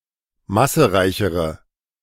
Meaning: inflection of massereich: 1. strong/mixed nominative/accusative feminine singular comparative degree 2. strong nominative/accusative plural comparative degree
- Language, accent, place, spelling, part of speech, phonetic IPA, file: German, Germany, Berlin, massereichere, adjective, [ˈmasəˌʁaɪ̯çəʁə], De-massereichere.ogg